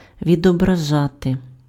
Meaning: to reflect, to represent (constitute a representation of)
- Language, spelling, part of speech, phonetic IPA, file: Ukrainian, відображати, verb, [ʋʲidɔbrɐˈʒate], Uk-відображати.ogg